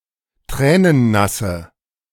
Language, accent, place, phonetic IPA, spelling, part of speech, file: German, Germany, Berlin, [ˈtʁɛːnənˌnasə], tränennasse, adjective, De-tränennasse.ogg
- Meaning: inflection of tränennass: 1. strong/mixed nominative/accusative feminine singular 2. strong nominative/accusative plural 3. weak nominative all-gender singular